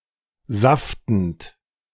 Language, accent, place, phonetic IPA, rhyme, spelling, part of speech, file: German, Germany, Berlin, [ˈzaftn̩t], -aftn̩t, saftend, verb, De-saftend.ogg
- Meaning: present participle of saften